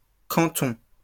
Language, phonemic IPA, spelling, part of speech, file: French, /kɑ̃.tɔ̃/, cantons, noun, LL-Q150 (fra)-cantons.wav
- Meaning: plural of canton